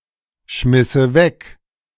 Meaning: first/third-person singular subjunctive II of wegschmeißen
- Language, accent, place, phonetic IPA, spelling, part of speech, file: German, Germany, Berlin, [ˌʃmɪsə ˈvɛk], schmisse weg, verb, De-schmisse weg.ogg